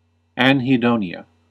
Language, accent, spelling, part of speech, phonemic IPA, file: English, US, anhedonia, noun, /ˌæn.hiˈdoʊ.ni.ə/, En-us-anhedonia.ogg
- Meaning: The inability to feel pleasure from activities usually found enjoyable, such as exercise, hobbies, music, sexual activities or social interactions